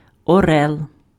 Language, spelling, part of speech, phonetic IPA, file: Ukrainian, орел, noun, [ɔˈrɛɫ], Uk-орел.ogg
- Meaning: eagle